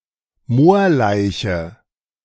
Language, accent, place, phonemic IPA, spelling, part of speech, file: German, Germany, Berlin, /ˈmoːɐ̯laɪ̯çə/, Moorleiche, noun, De-Moorleiche.ogg
- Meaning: bog body